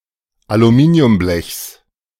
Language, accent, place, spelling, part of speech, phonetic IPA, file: German, Germany, Berlin, Aluminiumblechs, noun, [aluˈmiːni̯ʊmˌblɛçs], De-Aluminiumblechs.ogg
- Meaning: genitive singular of Aluminiumblech